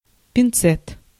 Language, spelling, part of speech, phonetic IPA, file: Russian, пинцет, noun, [pʲɪnˈt͡sɛt], Ru-пинцет.ogg
- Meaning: tweezers, pincers (small pincer-like instrument, usually made of metal, used for handling small objects)